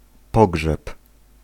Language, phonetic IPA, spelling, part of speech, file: Polish, [ˈpɔɡʒɛp], pogrzeb, noun / verb, Pl-pogrzeb.ogg